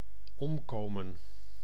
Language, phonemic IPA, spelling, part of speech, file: Dutch, /ˈɔmkomə(n)/, omkomen, verb, Nl-omkomen.ogg
- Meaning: to perish